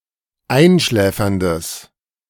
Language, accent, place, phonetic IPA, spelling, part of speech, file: German, Germany, Berlin, [ˈaɪ̯nˌʃlɛːfɐndəs], einschläferndes, adjective, De-einschläferndes.ogg
- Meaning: strong/mixed nominative/accusative neuter singular of einschläfernd